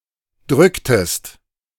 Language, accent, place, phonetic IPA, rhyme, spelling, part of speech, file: German, Germany, Berlin, [ˈdʁʏktəst], -ʏktəst, drücktest, verb, De-drücktest.ogg
- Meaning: inflection of drücken: 1. second-person singular preterite 2. second-person singular subjunctive II